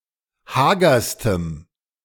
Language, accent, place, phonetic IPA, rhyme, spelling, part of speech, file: German, Germany, Berlin, [ˈhaːɡɐstəm], -aːɡɐstəm, hagerstem, adjective, De-hagerstem.ogg
- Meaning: strong dative masculine/neuter singular superlative degree of hager